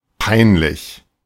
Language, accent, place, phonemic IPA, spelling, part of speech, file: German, Germany, Berlin, /ˈpaɪ̯nˌlɪç/, peinlich, adjective, De-peinlich.ogg
- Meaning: 1. woeful, hurtful 2. penal, applying criminal law, having to do with jurisprudence competent for capital punishment 3. pertaining to or containing torture